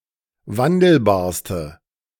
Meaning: inflection of wandelbar: 1. strong/mixed nominative/accusative feminine singular superlative degree 2. strong nominative/accusative plural superlative degree
- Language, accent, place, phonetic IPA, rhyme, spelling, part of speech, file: German, Germany, Berlin, [ˈvandl̩baːɐ̯stə], -andl̩baːɐ̯stə, wandelbarste, adjective, De-wandelbarste.ogg